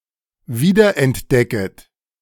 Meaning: second-person plural subjunctive I of wiederentdecken
- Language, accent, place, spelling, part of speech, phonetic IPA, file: German, Germany, Berlin, wiederentdecket, verb, [ˈviːdɐʔɛntˌdɛkət], De-wiederentdecket.ogg